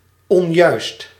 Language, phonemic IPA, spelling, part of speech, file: Dutch, /ɔnˈjœyst/, onjuist, adjective, Nl-onjuist.ogg
- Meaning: incorrect